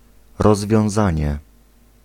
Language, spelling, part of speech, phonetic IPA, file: Polish, rozwiązanie, noun, [ˌrɔzvʲjɔ̃w̃ˈzãɲɛ], Pl-rozwiązanie.ogg